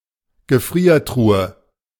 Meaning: chest freezer
- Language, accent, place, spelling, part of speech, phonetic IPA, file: German, Germany, Berlin, Gefriertruhe, noun, [ɡəˈfʁiːɐ̯ˌtʁuːə], De-Gefriertruhe.ogg